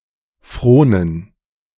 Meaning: to toil
- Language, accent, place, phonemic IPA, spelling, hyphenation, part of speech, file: German, Germany, Berlin, /ˈfʁoːnən/, fronen, fro‧nen, verb, De-fronen.ogg